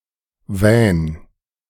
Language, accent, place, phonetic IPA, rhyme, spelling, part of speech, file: German, Germany, Berlin, [vɛːn], -ɛːn, wähn, verb, De-wähn.ogg
- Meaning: 1. singular imperative of wähnen 2. first-person singular present of wähnen